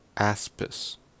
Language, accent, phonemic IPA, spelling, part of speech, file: English, US, /ˈæspɪs/, aspis, noun, En-us-aspis.ogg
- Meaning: 1. A type of round shield borne by ancient Greek soldiers 2. An asp or generic venomous snake 3. A prominent ring of thickened exine around a pore on a pollen grain